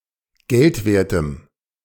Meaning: strong dative masculine/neuter singular of geldwert
- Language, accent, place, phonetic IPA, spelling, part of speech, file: German, Germany, Berlin, [ˈɡɛltˌveːɐ̯təm], geldwertem, adjective, De-geldwertem.ogg